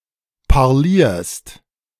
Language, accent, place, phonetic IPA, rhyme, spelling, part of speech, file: German, Germany, Berlin, [paʁˈliːɐ̯st], -iːɐ̯st, parlierst, verb, De-parlierst.ogg
- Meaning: second-person singular present of parlieren